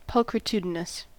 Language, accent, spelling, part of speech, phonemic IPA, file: English, US, pulchritudinous, adjective, /ˌpʌlkɹɪˈtjuːdɪnəs/, En-us-pulchritudinous.ogg
- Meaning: 1. Having great physical beauty 2. That endows pulchritude; beautifying